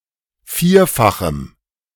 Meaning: strong dative masculine/neuter singular of vierfach
- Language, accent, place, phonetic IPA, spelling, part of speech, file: German, Germany, Berlin, [ˈfiːɐ̯faxəm], vierfachem, adjective, De-vierfachem.ogg